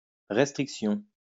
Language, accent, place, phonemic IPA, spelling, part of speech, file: French, France, Lyon, /ʁɛs.tʁik.sjɔ̃/, restriction, noun, LL-Q150 (fra)-restriction.wav
- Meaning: restriction (limitation; constraint)